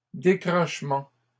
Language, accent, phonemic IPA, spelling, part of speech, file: French, Canada, /de.kʁɔʃ.mɑ̃/, décrochements, noun, LL-Q150 (fra)-décrochements.wav
- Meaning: plural of décrochement